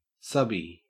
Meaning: 1. A subcontractor 2. A subpostmaster 3. A submissive
- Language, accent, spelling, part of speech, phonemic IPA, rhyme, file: English, Australia, subbie, noun, /ˈsʌbi/, -ʌbi, En-au-subbie.ogg